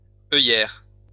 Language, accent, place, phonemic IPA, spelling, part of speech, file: French, France, Lyon, /œ.jɛʁ/, œillère, noun, LL-Q150 (fra)-œillère.wav
- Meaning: blinker(s) (for a horse)